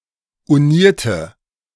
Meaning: inflection of uniert: 1. strong/mixed nominative/accusative feminine singular 2. strong nominative/accusative plural 3. weak nominative all-gender singular 4. weak accusative feminine/neuter singular
- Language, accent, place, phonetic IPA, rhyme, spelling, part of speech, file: German, Germany, Berlin, [uˈniːɐ̯tə], -iːɐ̯tə, unierte, adjective / verb, De-unierte.ogg